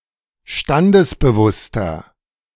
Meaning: inflection of standesbewusst: 1. strong/mixed nominative masculine singular 2. strong genitive/dative feminine singular 3. strong genitive plural
- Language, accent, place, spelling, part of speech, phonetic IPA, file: German, Germany, Berlin, standesbewusster, adjective, [ˈʃtandəsbəˌvʊstɐ], De-standesbewusster.ogg